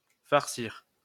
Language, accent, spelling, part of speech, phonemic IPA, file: French, France, farcir, verb, /faʁ.siʁ/, LL-Q150 (fra)-farcir.wav
- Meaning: 1. to stuff; to put stuffing in something 2. to stuff something down or have something stuffed down one's throat, or to be force-fed 3. to get saddled with; to have to put up with